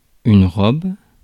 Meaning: 1. dress, frock 2. fur, coat (of an animal) 3. wine's colour
- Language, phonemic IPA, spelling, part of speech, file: French, /ʁɔb/, robe, noun, Fr-robe.ogg